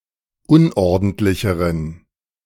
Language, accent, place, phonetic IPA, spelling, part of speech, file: German, Germany, Berlin, [ˈʊnʔɔʁdn̩tlɪçəʁən], unordentlicheren, adjective, De-unordentlicheren.ogg
- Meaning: inflection of unordentlich: 1. strong genitive masculine/neuter singular comparative degree 2. weak/mixed genitive/dative all-gender singular comparative degree